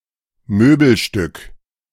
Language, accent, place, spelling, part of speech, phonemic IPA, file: German, Germany, Berlin, Möbelstück, noun, /ˈmøːbl̩ˌʃtʏk/, De-Möbelstück.ogg
- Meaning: piece of furniture (an item that belongs to the furniture of a room)